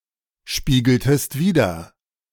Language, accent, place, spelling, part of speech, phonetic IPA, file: German, Germany, Berlin, spiegeltest wider, verb, [ˌʃpiːɡl̩təst ˈviːdɐ], De-spiegeltest wider.ogg
- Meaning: inflection of widerspiegeln: 1. second-person singular preterite 2. second-person singular subjunctive II